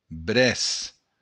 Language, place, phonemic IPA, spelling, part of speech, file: Occitan, Béarn, /bɾɛs/, brèç, noun, LL-Q14185 (oci)-brèç.wav
- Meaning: cradle